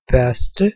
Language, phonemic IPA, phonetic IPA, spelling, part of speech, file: Danish, /bœrstə/, [b̥œ̞ɐ̯sd̥ə], børste, noun / verb, Da-børste.ogg
- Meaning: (noun) 1. bristle (a stiff or coarse hair) 2. a brush 3. rough (a crude person); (verb) to brush